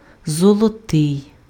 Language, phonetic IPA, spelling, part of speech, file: Ukrainian, [zɔɫɔˈtɪi̯], золотий, adjective / noun, Uk-золотий.ogg
- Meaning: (adjective) 1. golden, gold 2. gold (color) 3. woven from gilded silk 4. Anything or anyone that is very valuable 5. happy, joyful 6. dear, beloved 7. Relating to a fiftieth anniversary